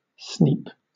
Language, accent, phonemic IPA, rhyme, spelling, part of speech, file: English, Southern England, /sniːp/, -iːp, sneap, verb / noun, LL-Q1860 (eng)-sneap.wav
- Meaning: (verb) 1. To bite, nip, or pinch (someone or something) 2. To check or abruptly reprove (someone); to chide, to rebuke, to reprimand 3. To offend (someone); to put (someone's) nose out of joint